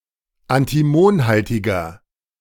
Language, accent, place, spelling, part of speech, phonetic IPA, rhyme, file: German, Germany, Berlin, antimonhaltiger, adjective, [antiˈmoːnˌhaltɪɡɐ], -oːnhaltɪɡɐ, De-antimonhaltiger.ogg
- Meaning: 1. comparative degree of antimonhaltig 2. inflection of antimonhaltig: strong/mixed nominative masculine singular 3. inflection of antimonhaltig: strong genitive/dative feminine singular